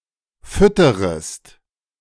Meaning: second-person singular subjunctive I of füttern
- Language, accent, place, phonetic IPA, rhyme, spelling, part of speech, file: German, Germany, Berlin, [ˈfʏtəʁəst], -ʏtəʁəst, fütterest, verb, De-fütterest.ogg